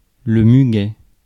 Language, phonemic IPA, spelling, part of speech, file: French, /my.ɡɛ/, muguet, noun, Fr-muguet.ogg
- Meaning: 1. lily of the valley (Convallaria majalis) 2. thrush (oral yeast infection, oral candidiasis) 3. dandy